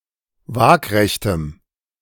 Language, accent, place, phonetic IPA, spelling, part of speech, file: German, Germany, Berlin, [ˈvaːkʁɛçtəm], waagrechtem, adjective, De-waagrechtem.ogg
- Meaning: strong dative masculine/neuter singular of waagrecht